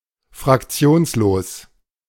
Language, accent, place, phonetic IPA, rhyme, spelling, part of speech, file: German, Germany, Berlin, [fʁakˈt͡si̯oːnsloːs], -oːnsloːs, fraktionslos, adjective, De-fraktionslos.ogg
- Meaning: non-attached (not belonging to a faction)